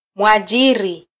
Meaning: employer
- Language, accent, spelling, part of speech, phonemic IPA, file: Swahili, Kenya, mwajiri, noun, /mʷɑˈʄi.ɾi/, Sw-ke-mwajiri.flac